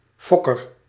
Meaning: an animal-breeder (one who breeds animals)
- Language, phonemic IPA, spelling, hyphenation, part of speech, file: Dutch, /ˈfɔ.kər/, fokker, fok‧ker, noun, Nl-fokker.ogg